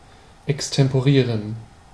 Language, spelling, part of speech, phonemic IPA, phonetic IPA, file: German, extemporieren, verb, /ɛkstɛmpoˈʁiːʁən/, [ʔɛkstɛmpoˈʁiːɐ̯n], De-extemporieren.ogg
- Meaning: to extemporize